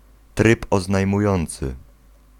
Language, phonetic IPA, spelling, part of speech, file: Polish, [ˈtrɨp ˌɔznajmuˈjɔ̃nt͡sɨ], tryb oznajmujący, noun, Pl-tryb oznajmujący.ogg